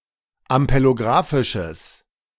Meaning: strong/mixed nominative/accusative neuter singular of ampelographisch
- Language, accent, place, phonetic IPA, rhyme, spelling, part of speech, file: German, Germany, Berlin, [ampeloˈɡʁaːfɪʃəs], -aːfɪʃəs, ampelographisches, adjective, De-ampelographisches.ogg